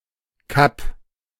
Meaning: cape (headland)
- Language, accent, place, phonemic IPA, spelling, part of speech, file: German, Germany, Berlin, /kap/, Kap, noun, De-Kap.ogg